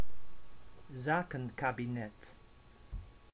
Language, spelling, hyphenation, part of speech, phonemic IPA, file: Dutch, zakenkabinet, za‧ken‧ka‧bi‧net, noun, /ˈzaː.kə(n).kaː.biˌnɛt/, Nl-zakenkabinet.ogg
- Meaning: a technocratic cabinet made-up of non-politicians without party links